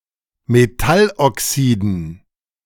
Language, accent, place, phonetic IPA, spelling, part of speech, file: German, Germany, Berlin, [meˈtalʔɔˌksiːdn̩], Metalloxiden, noun, De-Metalloxiden.ogg
- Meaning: dative plural of Metalloxid